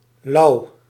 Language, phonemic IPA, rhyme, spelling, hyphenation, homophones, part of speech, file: Dutch, /lɑu̯/, -ɑu̯, louw, louw, lauw, noun, Nl-louw.ogg
- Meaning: synonym of zeelt (“tench (Tinca tinca)”)